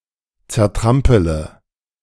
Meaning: inflection of zertrampeln: 1. first-person singular present 2. first-person plural subjunctive I 3. third-person singular subjunctive I 4. singular imperative
- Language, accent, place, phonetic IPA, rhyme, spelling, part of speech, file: German, Germany, Berlin, [t͡sɛɐ̯ˈtʁampələ], -ampələ, zertrampele, verb, De-zertrampele.ogg